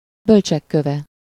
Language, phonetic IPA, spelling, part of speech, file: Hungarian, [ˈbølt͡ʃɛkːøvɛ], bölcsek köve, noun, Hu-bölcsek köve.ogg
- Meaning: philosopher's stone